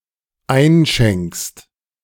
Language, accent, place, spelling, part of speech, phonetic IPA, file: German, Germany, Berlin, einschenkst, verb, [ˈaɪ̯nˌʃɛŋkst], De-einschenkst.ogg
- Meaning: second-person singular dependent present of einschenken